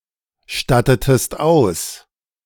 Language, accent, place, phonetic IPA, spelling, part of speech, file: German, Germany, Berlin, [ˌʃtatətəst ˈaʊ̯s], stattetest aus, verb, De-stattetest aus.ogg
- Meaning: inflection of ausstatten: 1. second-person singular preterite 2. second-person singular subjunctive II